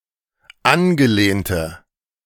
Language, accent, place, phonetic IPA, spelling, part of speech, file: German, Germany, Berlin, [ˈanɡəˌleːntə], angelehnte, adjective, De-angelehnte.ogg
- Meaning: inflection of angelehnt: 1. strong/mixed nominative/accusative feminine singular 2. strong nominative/accusative plural 3. weak nominative all-gender singular